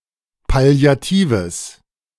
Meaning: strong/mixed nominative/accusative neuter singular of palliativ
- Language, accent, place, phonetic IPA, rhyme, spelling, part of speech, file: German, Germany, Berlin, [pali̯aˈtiːvəs], -iːvəs, palliatives, adjective, De-palliatives.ogg